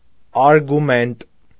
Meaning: 1. argument (fact or statement used to support a proposition; a reason) 2. argument
- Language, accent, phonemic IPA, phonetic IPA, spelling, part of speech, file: Armenian, Eastern Armenian, /ɑɾɡuˈment/, [ɑɾɡumént], արգումենտ, noun, Hy-արգումենտ.ogg